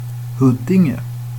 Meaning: a town and municipality of Stockholm County, Sweden
- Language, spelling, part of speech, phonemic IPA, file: Swedish, Huddinge, proper noun, /hɵdːɪŋɛ/, Sv-Huddinge.ogg